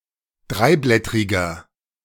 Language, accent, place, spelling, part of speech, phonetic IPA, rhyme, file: German, Germany, Berlin, dreiblättriger, adjective, [ˈdʁaɪ̯ˌblɛtʁɪɡɐ], -aɪ̯blɛtʁɪɡɐ, De-dreiblättriger.ogg
- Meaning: inflection of dreiblättrig: 1. strong/mixed nominative masculine singular 2. strong genitive/dative feminine singular 3. strong genitive plural